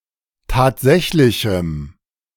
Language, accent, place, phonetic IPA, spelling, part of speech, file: German, Germany, Berlin, [ˈtaːtˌzɛçlɪçm̩], tatsächlichem, adjective, De-tatsächlichem.ogg
- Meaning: strong dative masculine/neuter singular of tatsächlich